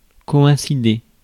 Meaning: to coincide
- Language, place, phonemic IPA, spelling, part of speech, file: French, Paris, /kɔ.ɛ̃.si.de/, coïncider, verb, Fr-coïncider.ogg